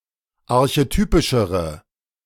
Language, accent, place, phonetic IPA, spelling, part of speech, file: German, Germany, Berlin, [aʁçeˈtyːpɪʃəʁə], archetypischere, adjective, De-archetypischere.ogg
- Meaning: inflection of archetypisch: 1. strong/mixed nominative/accusative feminine singular comparative degree 2. strong nominative/accusative plural comparative degree